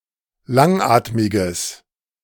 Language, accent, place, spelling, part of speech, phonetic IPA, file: German, Germany, Berlin, langatmiges, adjective, [ˈlaŋˌʔaːtmɪɡəs], De-langatmiges.ogg
- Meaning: strong/mixed nominative/accusative neuter singular of langatmig